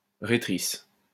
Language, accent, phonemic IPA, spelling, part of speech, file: French, France, /ʁe.tʁis/, rhétrice, noun, LL-Q150 (fra)-rhétrice.wav
- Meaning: female equivalent of rhéteur